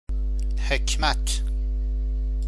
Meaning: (noun) 1. wisdom; knowledge 2. philosophy, theosophy, metaphysics; traditionally a broader and more Islamic category than فلسفه (falsafe), which referred only to Hellenistic philosophy
- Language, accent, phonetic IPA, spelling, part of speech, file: Persian, Iran, [hekʰʲ.mǽt̪ʰ], حکمت, noun / proper noun, Fa-حکمت.ogg